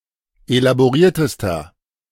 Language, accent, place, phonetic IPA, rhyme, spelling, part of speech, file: German, Germany, Berlin, [elaboˈʁiːɐ̯təstɐ], -iːɐ̯təstɐ, elaboriertester, adjective, De-elaboriertester.ogg
- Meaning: inflection of elaboriert: 1. strong/mixed nominative masculine singular superlative degree 2. strong genitive/dative feminine singular superlative degree 3. strong genitive plural superlative degree